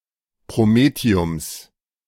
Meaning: genitive singular of Promethium
- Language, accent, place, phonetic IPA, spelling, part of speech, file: German, Germany, Berlin, [pʁoˈmeːti̯ʊms], Promethiums, noun, De-Promethiums.ogg